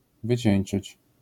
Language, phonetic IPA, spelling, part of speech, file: Polish, [vɨˈt͡ɕɛ̇̃j̃n͇t͡ʃɨt͡ɕ], wycieńczyć, verb, LL-Q809 (pol)-wycieńczyć.wav